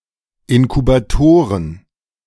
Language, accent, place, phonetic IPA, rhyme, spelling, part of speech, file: German, Germany, Berlin, [ɪnkubaˈtoːʁən], -oːʁən, Inkubatoren, noun, De-Inkubatoren.ogg
- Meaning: plural of Inkubator